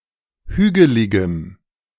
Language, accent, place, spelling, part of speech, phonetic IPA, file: German, Germany, Berlin, hügeligem, adjective, [ˈhyːɡəlɪɡəm], De-hügeligem.ogg
- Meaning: strong dative masculine/neuter singular of hügelig